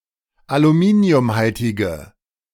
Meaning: inflection of aluminiumhaltig: 1. strong/mixed nominative/accusative feminine singular 2. strong nominative/accusative plural 3. weak nominative all-gender singular
- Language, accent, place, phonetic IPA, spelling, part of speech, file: German, Germany, Berlin, [aluˈmiːni̯ʊmˌhaltɪɡə], aluminiumhaltige, adjective, De-aluminiumhaltige.ogg